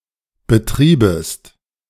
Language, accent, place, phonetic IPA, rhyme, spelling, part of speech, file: German, Germany, Berlin, [bəˈtʁiːbəst], -iːbəst, betriebest, verb, De-betriebest.ogg
- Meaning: second-person singular subjunctive II of betreiben